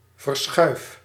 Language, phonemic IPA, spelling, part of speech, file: Dutch, /vərˈsxœy̯f/, verschuif, verb, Nl-verschuif.ogg
- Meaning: inflection of verschuiven: 1. first-person singular present indicative 2. second-person singular present indicative 3. imperative